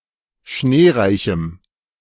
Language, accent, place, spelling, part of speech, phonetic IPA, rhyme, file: German, Germany, Berlin, schneereichem, adjective, [ˈʃneːˌʁaɪ̯çm̩], -eːʁaɪ̯çm̩, De-schneereichem.ogg
- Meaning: strong dative masculine/neuter singular of schneereich